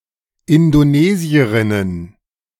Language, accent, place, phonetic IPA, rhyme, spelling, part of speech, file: German, Germany, Berlin, [ɪndoˈneːzi̯əʁɪnən], -eːzi̯əʁɪnən, Indonesierinnen, noun, De-Indonesierinnen.ogg
- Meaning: plural of Indonesierin